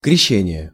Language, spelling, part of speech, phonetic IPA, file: Russian, крещение, noun, [krʲɪˈɕːenʲɪje], Ru-крещение.ogg
- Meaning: 1. baptism (Christian sacrament with water) 2. Epiphany